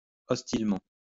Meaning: hostilely
- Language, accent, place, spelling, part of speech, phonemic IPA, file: French, France, Lyon, hostilement, adverb, /ɔs.til.mɑ̃/, LL-Q150 (fra)-hostilement.wav